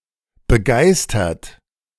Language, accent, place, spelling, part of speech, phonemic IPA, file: German, Germany, Berlin, begeistert, verb / adjective, /bəˈɡaɪ̯stɐt/, De-begeistert.ogg
- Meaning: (verb) past participle of begeistern; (adjective) 1. enthusiastic, thrilled 2. delighted; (verb) inflection of begeistern: 1. third-person singular present 2. second-person plural present